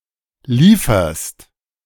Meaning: second-person singular present of liefern
- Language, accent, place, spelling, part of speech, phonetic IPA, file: German, Germany, Berlin, lieferst, verb, [ˈliːfɐst], De-lieferst.ogg